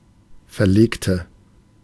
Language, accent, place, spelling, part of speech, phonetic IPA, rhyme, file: German, Germany, Berlin, verlegte, adjective / verb, [fɛɐ̯ˈleːktə], -eːktə, De-verlegte.ogg
- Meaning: inflection of verlegen: 1. first/third-person singular preterite 2. first/third-person singular subjunctive II